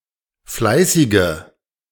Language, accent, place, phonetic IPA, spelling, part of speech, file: German, Germany, Berlin, [ˈflaɪ̯sɪɡə], fleißige, adjective, De-fleißige.ogg
- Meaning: inflection of fleißig: 1. strong/mixed nominative/accusative feminine singular 2. strong nominative/accusative plural 3. weak nominative all-gender singular 4. weak accusative feminine/neuter singular